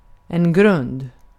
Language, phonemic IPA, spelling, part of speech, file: Swedish, /ɡrɵnd/, grund, adjective, Sv-grund.ogg
- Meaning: shallow